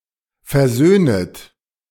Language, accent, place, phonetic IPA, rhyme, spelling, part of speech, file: German, Germany, Berlin, [fɛɐ̯ˈzøːnət], -øːnət, versöhnet, verb, De-versöhnet.ogg
- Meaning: second-person plural subjunctive I of versöhnen